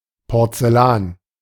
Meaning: porcelain
- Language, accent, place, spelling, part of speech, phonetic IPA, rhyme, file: German, Germany, Berlin, Porzellan, noun, [pɔʁt͡sɛˈlaːn], -aːn, De-Porzellan.ogg